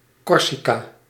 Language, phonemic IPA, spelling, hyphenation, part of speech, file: Dutch, /ˈkɔr.si.kaː/, Corsica, Cor‧si‧ca, proper noun, Nl-Corsica.ogg
- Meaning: Corsica (an island and administrative region of France, in the Mediterranean to the north of Sardinia)